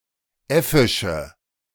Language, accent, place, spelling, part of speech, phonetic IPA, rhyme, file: German, Germany, Berlin, äffische, adjective, [ˈɛfɪʃə], -ɛfɪʃə, De-äffische.ogg
- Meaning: inflection of äffisch: 1. strong/mixed nominative/accusative feminine singular 2. strong nominative/accusative plural 3. weak nominative all-gender singular 4. weak accusative feminine/neuter singular